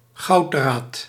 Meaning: 1. gold thread (object) 2. gold thread (material)
- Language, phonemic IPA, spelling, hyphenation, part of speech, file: Dutch, /ˈɣɑu̯t.draːt/, gouddraad, goud‧draad, noun, Nl-gouddraad.ogg